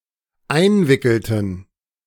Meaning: inflection of einwickeln: 1. first/third-person plural dependent preterite 2. first/third-person plural dependent subjunctive II
- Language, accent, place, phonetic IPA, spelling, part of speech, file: German, Germany, Berlin, [ˈaɪ̯nˌvɪkl̩tn̩], einwickelten, verb, De-einwickelten.ogg